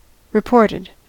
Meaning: simple past and past participle of report
- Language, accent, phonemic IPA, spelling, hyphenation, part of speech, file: English, US, /ɹɪˈpɔɹtɪd/, reported, re‧port‧ed, verb, En-us-reported.ogg